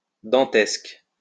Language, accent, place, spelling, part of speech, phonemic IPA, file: French, France, Lyon, dantesque, adjective, /dɑ̃.tɛsk/, LL-Q150 (fra)-dantesque.wav
- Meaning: of Dante; Dantesque (relating to or in the style of Dante; characterized by a formal, elevated tone and somber focus)